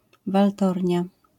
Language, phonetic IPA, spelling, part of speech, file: Polish, [valˈtɔrʲɲa], waltornia, noun, LL-Q809 (pol)-waltornia.wav